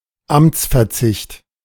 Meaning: resignation from office
- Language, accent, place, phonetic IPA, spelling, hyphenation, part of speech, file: German, Germany, Berlin, [ˈamtsfɛɐ̯tsɪçt], Amtsverzicht, Amts‧ver‧zicht, noun, De-Amtsverzicht.ogg